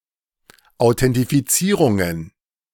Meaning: plural of Authentifizierung
- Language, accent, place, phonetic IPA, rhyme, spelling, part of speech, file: German, Germany, Berlin, [aʊ̯tɛntifiˈt͡siːʁʊŋən], -iːʁʊŋən, Authentifizierungen, noun, De-Authentifizierungen.ogg